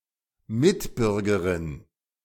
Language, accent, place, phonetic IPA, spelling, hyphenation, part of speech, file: German, Germany, Berlin, [ˈmɪtˌbʏʁɡəʁɪn], Mitbürgerin, Mit‧bür‧ge‧rin, noun, De-Mitbürgerin.ogg
- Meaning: female equivalent of Mitbürger: fellow citizen